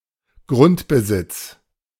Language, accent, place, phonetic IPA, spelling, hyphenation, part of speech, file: German, Germany, Berlin, [ˈɡʁʊntbəˌzɪt͡s], Grundbesitz, Grund‧be‧sitz, noun, De-Grundbesitz.ogg
- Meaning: owned piece of land; real estate